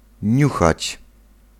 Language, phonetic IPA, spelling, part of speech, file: Polish, [ˈɲuxat͡ɕ], niuchać, verb, Pl-niuchać.ogg